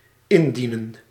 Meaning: to offer, to hand in
- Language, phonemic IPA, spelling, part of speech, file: Dutch, /ˈɪndinə(n)/, indienen, verb, Nl-indienen.ogg